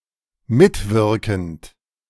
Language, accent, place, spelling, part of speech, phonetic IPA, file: German, Germany, Berlin, mitwirkend, verb, [ˈmɪtˌvɪʁkn̩t], De-mitwirkend.ogg
- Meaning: present participle of mitwirken